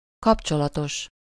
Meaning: 1. connected/associated with, concerning, in relation to, related to, in connection (with something: -val/-vel) 2. cumulative (as a type of coordination)
- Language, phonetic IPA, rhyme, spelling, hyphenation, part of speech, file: Hungarian, [ˈkɒpt͡ʃolɒtoʃ], -oʃ, kapcsolatos, kap‧cso‧la‧tos, adjective, Hu-kapcsolatos.ogg